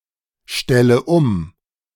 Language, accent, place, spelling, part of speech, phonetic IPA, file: German, Germany, Berlin, stelle um, verb, [ˌʃtɛlə ˈʊm], De-stelle um.ogg
- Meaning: inflection of umstellen: 1. first-person singular present 2. first/third-person singular subjunctive I 3. singular imperative